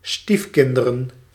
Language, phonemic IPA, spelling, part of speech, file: Dutch, /ˈstifkɪndərə(n)/, stiefkinderen, noun, Nl-stiefkinderen.ogg
- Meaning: plural of stiefkind